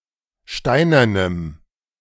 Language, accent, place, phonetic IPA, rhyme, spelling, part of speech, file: German, Germany, Berlin, [ˈʃtaɪ̯nɐnəm], -aɪ̯nɐnəm, steinernem, adjective, De-steinernem.ogg
- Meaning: strong dative masculine/neuter singular of steinern